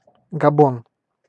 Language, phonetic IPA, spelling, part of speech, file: Russian, [ɡɐˈbon], Габон, proper noun, Ru-Габон.ogg
- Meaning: Gabon (a country in Central Africa)